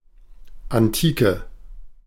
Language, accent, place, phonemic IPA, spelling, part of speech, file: German, Germany, Berlin, /anˈtiːkə/, Antike, noun, De-Antike.ogg
- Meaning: antiquity, ancient world, ancient times (the period of the Greeks and Romans)